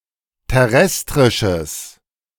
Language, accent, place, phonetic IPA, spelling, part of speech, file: German, Germany, Berlin, [tɛˈʁɛstʁɪʃəs], terrestrisches, adjective, De-terrestrisches.ogg
- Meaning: strong/mixed nominative/accusative neuter singular of terrestrisch